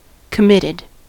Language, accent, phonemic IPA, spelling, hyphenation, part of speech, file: English, US, /kəˈmɪtɪd/, committed, com‧mit‧ted, verb / adjective, En-us-committed.ogg
- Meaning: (verb) simple past and past participle of commit; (adjective) 1. Obligated or locked in (often by a pledge) to some course of action 2. Showing commitment